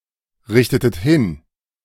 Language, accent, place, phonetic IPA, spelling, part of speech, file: German, Germany, Berlin, [ˌʁɪçtətət ˈhɪn], richtetet hin, verb, De-richtetet hin.ogg
- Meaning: inflection of hinrichten: 1. second-person plural preterite 2. second-person plural subjunctive II